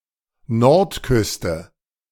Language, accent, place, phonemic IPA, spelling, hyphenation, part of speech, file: German, Germany, Berlin, /ˈnɔʁtˌkʏstə/, Nordküste, Nord‧küs‧te, noun, De-Nordküste.ogg
- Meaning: north coast